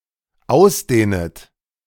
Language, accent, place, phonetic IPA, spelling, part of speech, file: German, Germany, Berlin, [ˈaʊ̯sˌdeːnət], ausdehnet, verb, De-ausdehnet.ogg
- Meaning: second-person plural dependent subjunctive I of ausdehnen